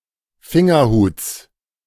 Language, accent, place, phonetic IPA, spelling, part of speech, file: German, Germany, Berlin, [ˈfɪŋɐˌhuːt͡s], Fingerhuts, noun, De-Fingerhuts.ogg
- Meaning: genitive singular of Fingerhut